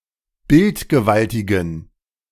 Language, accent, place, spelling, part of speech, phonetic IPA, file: German, Germany, Berlin, bildgewaltigen, adjective, [ˈbɪltɡəˌvaltɪɡn̩], De-bildgewaltigen.ogg
- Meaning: inflection of bildgewaltig: 1. strong genitive masculine/neuter singular 2. weak/mixed genitive/dative all-gender singular 3. strong/weak/mixed accusative masculine singular 4. strong dative plural